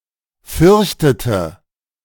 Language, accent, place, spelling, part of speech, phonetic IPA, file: German, Germany, Berlin, fürchtete, verb, [ˈfʏʁçtətə], De-fürchtete.ogg
- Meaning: inflection of fürchten: 1. first/third-person singular preterite 2. first/third-person singular subjunctive II